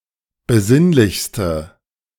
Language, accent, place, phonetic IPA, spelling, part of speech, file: German, Germany, Berlin, [bəˈzɪnlɪçstə], besinnlichste, adjective, De-besinnlichste.ogg
- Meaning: inflection of besinnlich: 1. strong/mixed nominative/accusative feminine singular superlative degree 2. strong nominative/accusative plural superlative degree